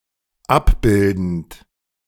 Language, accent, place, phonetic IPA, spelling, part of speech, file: German, Germany, Berlin, [ˈapˌbɪldn̩t], abbildend, verb, De-abbildend.ogg
- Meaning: present participle of abbilden